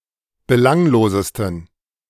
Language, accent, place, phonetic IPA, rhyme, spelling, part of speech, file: German, Germany, Berlin, [bəˈlaŋloːzəstn̩], -aŋloːzəstn̩, belanglosesten, adjective, De-belanglosesten.ogg
- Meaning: 1. superlative degree of belanglos 2. inflection of belanglos: strong genitive masculine/neuter singular superlative degree